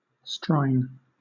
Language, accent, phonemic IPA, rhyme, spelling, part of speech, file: English, Southern England, /stɹaɪn/, -aɪn, Strine, noun / proper noun, LL-Q1860 (eng)-Strine.wav
- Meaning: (noun) An Australian; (proper noun) Broad Australian English